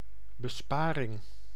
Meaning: saving
- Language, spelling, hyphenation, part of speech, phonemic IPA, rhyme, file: Dutch, besparing, be‧spa‧ring, noun, /bəˈspaː.rɪŋ/, -aːrɪŋ, Nl-besparing.ogg